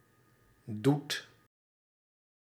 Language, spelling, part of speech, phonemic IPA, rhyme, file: Dutch, doet, verb, /dut/, -ut, Nl-doet.ogg
- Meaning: inflection of doen: 1. second/third-person singular present indicative 2. plural imperative